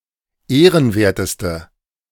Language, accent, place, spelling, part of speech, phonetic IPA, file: German, Germany, Berlin, ehrenwerteste, adjective, [ˈeːʁənˌveːɐ̯təstə], De-ehrenwerteste.ogg
- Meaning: inflection of ehrenwert: 1. strong/mixed nominative/accusative feminine singular superlative degree 2. strong nominative/accusative plural superlative degree